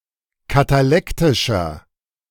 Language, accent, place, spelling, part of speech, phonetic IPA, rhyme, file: German, Germany, Berlin, katalektischer, adjective, [kataˈlɛktɪʃɐ], -ɛktɪʃɐ, De-katalektischer.ogg
- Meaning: inflection of katalektisch: 1. strong/mixed nominative masculine singular 2. strong genitive/dative feminine singular 3. strong genitive plural